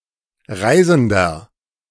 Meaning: 1. tourist 2. traveller, voyager 3. inflection of Reisende: strong genitive/dative singular 4. inflection of Reisende: strong genitive plural
- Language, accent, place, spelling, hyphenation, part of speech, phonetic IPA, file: German, Germany, Berlin, Reisender, Rei‧sen‧der, noun, [ˈʁaɪ̯zn̩dɐ], De-Reisender.ogg